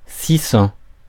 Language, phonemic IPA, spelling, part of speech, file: French, /si sɑ̃/, six cents, numeral, Fr-six cents.ogg
- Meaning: six hundred